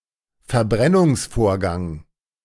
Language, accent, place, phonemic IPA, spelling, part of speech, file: German, Germany, Berlin, /fɛɐ̯ˈbʁɛnʊŋsˌfoːɐ̯ɡaŋ/, Verbrennungsvorgang, noun, De-Verbrennungsvorgang.ogg
- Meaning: combustion process